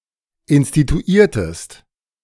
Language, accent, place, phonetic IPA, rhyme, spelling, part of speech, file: German, Germany, Berlin, [ɪnstituˈiːɐ̯təst], -iːɐ̯təst, instituiertest, verb, De-instituiertest.ogg
- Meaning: inflection of instituieren: 1. second-person singular preterite 2. second-person singular subjunctive II